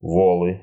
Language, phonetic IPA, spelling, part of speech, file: Russian, [vɐˈɫɨ], волы, noun, Ru-во́лы.ogg
- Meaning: nominative plural of вол (vol)